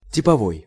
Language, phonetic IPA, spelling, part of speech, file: Russian, [tʲɪpɐˈvoj], типовой, adjective, Ru-типовой.ogg
- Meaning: 1. type 2. standard, model